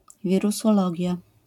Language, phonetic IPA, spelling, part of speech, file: Polish, [ˌvʲirusɔˈlɔɟja], wirusologia, noun, LL-Q809 (pol)-wirusologia.wav